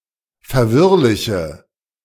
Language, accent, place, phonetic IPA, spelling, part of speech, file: German, Germany, Berlin, [fɛɐ̯ˈvɪʁlɪçə], verwirrliche, adjective, De-verwirrliche.ogg
- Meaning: inflection of verwirrlich: 1. strong/mixed nominative/accusative feminine singular 2. strong nominative/accusative plural 3. weak nominative all-gender singular